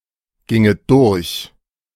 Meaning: second-person plural subjunctive II of durchgehen
- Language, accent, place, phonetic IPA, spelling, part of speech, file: German, Germany, Berlin, [ˌɡɪŋət ˈdʊʁç], ginget durch, verb, De-ginget durch.ogg